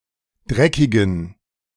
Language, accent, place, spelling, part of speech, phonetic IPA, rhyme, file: German, Germany, Berlin, dreckigen, adjective, [ˈdʁɛkɪɡn̩], -ɛkɪɡn̩, De-dreckigen.ogg
- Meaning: inflection of dreckig: 1. strong genitive masculine/neuter singular 2. weak/mixed genitive/dative all-gender singular 3. strong/weak/mixed accusative masculine singular 4. strong dative plural